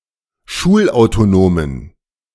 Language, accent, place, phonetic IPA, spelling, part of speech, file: German, Germany, Berlin, [ˈʃuːlʔaʊ̯toˌnoːmən], schulautonomen, adjective, De-schulautonomen.ogg
- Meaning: inflection of schulautonom: 1. strong genitive masculine/neuter singular 2. weak/mixed genitive/dative all-gender singular 3. strong/weak/mixed accusative masculine singular 4. strong dative plural